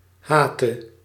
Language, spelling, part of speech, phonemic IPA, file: Dutch, hate, verb, /ˈhatə/, Nl-hate.ogg
- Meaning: singular present subjunctive of haten